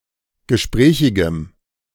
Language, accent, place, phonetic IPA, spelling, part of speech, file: German, Germany, Berlin, [ɡəˈʃpʁɛːçɪɡəm], gesprächigem, adjective, De-gesprächigem.ogg
- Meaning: strong dative masculine/neuter singular of gesprächig